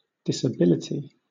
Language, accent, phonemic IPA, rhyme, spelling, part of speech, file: English, Southern England, /dɪsəˈbɪlɪti/, -ɪlɪti, disability, noun, LL-Q1860 (eng)-disability.wav
- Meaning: 1. A condition characterised by a significant limitation in a person's physical or intellectual powers or ability 2. The state of having such a condition; the state of being disabled